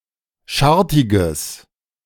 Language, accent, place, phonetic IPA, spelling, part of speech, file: German, Germany, Berlin, [ˈʃaʁtɪɡəs], schartiges, adjective, De-schartiges.ogg
- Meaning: strong/mixed nominative/accusative neuter singular of schartig